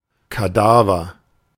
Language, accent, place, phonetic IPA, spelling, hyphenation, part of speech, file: German, Germany, Berlin, [kaˈdaːvɐ], Kadaver, Ka‧da‧ver, noun, De-Kadaver.ogg
- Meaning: carcass, cadaver, carrion, corse